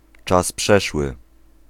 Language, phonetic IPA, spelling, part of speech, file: Polish, [ˈt͡ʃas ˈpʃɛʃwɨ], czas przeszły, noun, Pl-czas przeszły.ogg